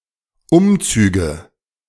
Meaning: nominative/accusative/genitive plural of Umzug
- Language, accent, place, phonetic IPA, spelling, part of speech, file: German, Germany, Berlin, [ˈʊmˌt͡syːɡə], Umzüge, noun, De-Umzüge.ogg